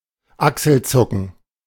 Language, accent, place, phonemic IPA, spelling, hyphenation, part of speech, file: German, Germany, Berlin, /ˈaksl̩ˌt͡sʊkn̩/, Achselzucken, Ach‧sel‧zu‧cken, noun, De-Achselzucken.ogg
- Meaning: shrug